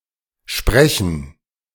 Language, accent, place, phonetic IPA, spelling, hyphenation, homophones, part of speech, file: German, Germany, Berlin, [ʃpʁɛçn̩], Sprechen, Spre‧chen, sprechen, noun, De-Sprechen.ogg
- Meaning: gerund of sprechen: "speaking"